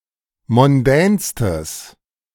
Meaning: strong/mixed nominative/accusative neuter singular superlative degree of mondän
- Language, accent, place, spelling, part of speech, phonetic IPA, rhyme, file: German, Germany, Berlin, mondänstes, adjective, [mɔnˈdɛːnstəs], -ɛːnstəs, De-mondänstes.ogg